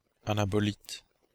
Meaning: anabolite
- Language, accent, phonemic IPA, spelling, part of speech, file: French, Belgium, /a.na.bɔ.lit/, anabolite, noun, Fr-Anabolite.oga